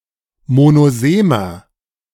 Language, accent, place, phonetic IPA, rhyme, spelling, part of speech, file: German, Germany, Berlin, [monoˈzeːmɐ], -eːmɐ, monosemer, adjective, De-monosemer.ogg
- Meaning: inflection of monosem: 1. strong/mixed nominative masculine singular 2. strong genitive/dative feminine singular 3. strong genitive plural